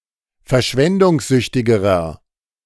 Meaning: inflection of verschwendungssüchtig: 1. strong/mixed nominative masculine singular comparative degree 2. strong genitive/dative feminine singular comparative degree
- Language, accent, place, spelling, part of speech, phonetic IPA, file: German, Germany, Berlin, verschwendungssüchtigerer, adjective, [fɛɐ̯ˈʃvɛndʊŋsˌzʏçtɪɡəʁɐ], De-verschwendungssüchtigerer.ogg